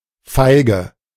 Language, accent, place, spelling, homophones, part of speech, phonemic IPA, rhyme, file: German, Germany, Berlin, feige, Feige, adjective / adverb, /ˈfaɪ̯ɡə/, -aɪ̯ɡə, De-feige.ogg
- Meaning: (adjective) cowardly, yellow; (adverb) cowardly